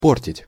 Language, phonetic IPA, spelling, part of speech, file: Russian, [ˈportʲɪtʲ], портить, verb, Ru-портить.ogg
- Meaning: 1. to spoil, to ruin, to mar, to damage 2. to corrupt, to spoil, to deflower (virgins)